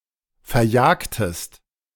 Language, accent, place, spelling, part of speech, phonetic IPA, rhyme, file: German, Germany, Berlin, verjagtest, verb, [fɛɐ̯ˈjaːktəst], -aːktəst, De-verjagtest.ogg
- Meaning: inflection of verjagen: 1. second-person singular preterite 2. second-person singular subjunctive II